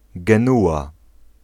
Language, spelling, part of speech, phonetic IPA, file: Polish, Genua, proper noun, [ɡɛ̃ˈnuʷa], Pl-Genua.ogg